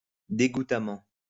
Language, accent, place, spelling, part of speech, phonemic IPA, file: French, France, Lyon, dégoutamment, adverb, /de.ɡu.ta.mɑ̃/, LL-Q150 (fra)-dégoutamment.wav
- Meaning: post-1990 spelling of dégoûtamment (“disgustingly”)